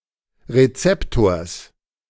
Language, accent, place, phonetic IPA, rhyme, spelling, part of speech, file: German, Germany, Berlin, [ʁeˈt͡sɛptoːɐ̯s], -ɛptoːɐ̯s, Rezeptors, noun, De-Rezeptors.ogg
- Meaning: genitive singular of Rezeptor